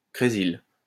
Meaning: cresyl
- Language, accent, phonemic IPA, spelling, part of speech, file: French, France, /kʁe.zil/, crésyle, noun, LL-Q150 (fra)-crésyle.wav